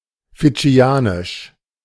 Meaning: Fijian
- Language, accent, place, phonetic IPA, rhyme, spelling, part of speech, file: German, Germany, Berlin, [fɪˈd͡ʒi̯aːnɪʃ], -aːnɪʃ, fidschianisch, adjective, De-fidschianisch.ogg